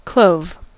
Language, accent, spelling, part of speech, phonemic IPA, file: English, US, clove, noun / verb, /kloʊv/, En-us-clove.ogg
- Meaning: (noun) A very pungent aromatic spice, the unexpanded flower bud of the clove tree